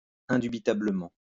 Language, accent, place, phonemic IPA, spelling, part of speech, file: French, France, Lyon, /ɛ̃.dy.bi.ta.blə.mɑ̃/, indubitablement, adverb, LL-Q150 (fra)-indubitablement.wav
- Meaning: indubitably; undoubtedly; unquestionably